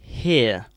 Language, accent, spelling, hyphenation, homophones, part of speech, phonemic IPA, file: English, UK, hear, hear, here / hir / hair, verb / interjection, /ˈhɪə/, En-uk-hear.ogg
- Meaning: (verb) 1. To perceive sounds through the ear 2. To perceive (a sound, or something producing a sound) with the ear, to recognize (something) in an auditory way